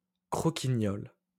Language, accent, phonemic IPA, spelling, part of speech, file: French, France, /kʁɔ.ki.ɲɔl/, croquignole, noun, LL-Q150 (fra)-croquignole.wav
- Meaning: 1. a biscuit/cookie similar to the Italian biscotti 2. a pastry somewhat similar to a donut except for the shape